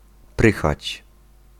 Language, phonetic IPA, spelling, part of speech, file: Polish, [ˈprɨxat͡ɕ], prychać, verb, Pl-prychać.ogg